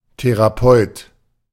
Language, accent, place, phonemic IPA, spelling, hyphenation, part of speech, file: German, Germany, Berlin, /teʁaˈpɔʏt/, Therapeut, The‧ra‧peut, noun, De-Therapeut.ogg
- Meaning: therapist